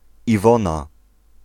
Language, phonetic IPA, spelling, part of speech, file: Polish, [iˈvɔ̃na], Iwona, proper noun / noun, Pl-Iwona.ogg